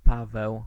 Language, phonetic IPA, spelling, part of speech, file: Polish, [ˈpavɛw], Paweł, proper noun, Pl-Paweł.ogg